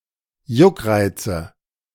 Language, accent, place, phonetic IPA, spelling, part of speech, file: German, Germany, Berlin, [ˈjʊkˌʁaɪ̯t͡sə], Juckreize, noun, De-Juckreize.ogg
- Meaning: nominative/accusative/genitive plural of Juckreiz